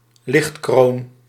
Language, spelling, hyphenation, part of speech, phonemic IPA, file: Dutch, lichtkroon, licht‧kroon, noun, /ˈlɪxt.kroːn/, Nl-lichtkroon.ogg
- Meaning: chandelier, in particular one with more than two arms